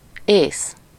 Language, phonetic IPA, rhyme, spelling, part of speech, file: Hungarian, [ˈeːs], -eːs, ész, noun, Hu-ész.ogg
- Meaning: intellect, brains, mind, reason, judgment, intelligence, sanity, remembrance (the content of one's head in a figurative sense)